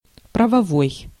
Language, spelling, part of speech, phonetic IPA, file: Russian, правовой, adjective, [prəvɐˈvoj], Ru-правовой.ogg
- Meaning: 1. legal, lawful, rightful 2. based on law, constitutional